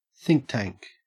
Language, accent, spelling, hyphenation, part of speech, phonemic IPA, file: English, Australia, think tank, think tank, noun, /ˈθɪŋk ˌtæŋk/, En-au-think tank.ogg